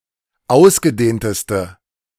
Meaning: inflection of ausgedehnt: 1. strong/mixed nominative/accusative feminine singular superlative degree 2. strong nominative/accusative plural superlative degree
- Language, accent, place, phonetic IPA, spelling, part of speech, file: German, Germany, Berlin, [ˈaʊ̯sɡəˌdeːntəstə], ausgedehnteste, adjective, De-ausgedehnteste.ogg